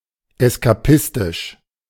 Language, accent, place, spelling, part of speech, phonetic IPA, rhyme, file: German, Germany, Berlin, eskapistisch, adjective, [ɛskaˈpɪstɪʃ], -ɪstɪʃ, De-eskapistisch.ogg
- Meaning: escapist